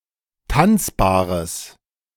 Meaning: strong/mixed nominative/accusative neuter singular of tanzbar
- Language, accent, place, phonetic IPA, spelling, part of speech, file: German, Germany, Berlin, [ˈtant͡sbaːʁəs], tanzbares, adjective, De-tanzbares.ogg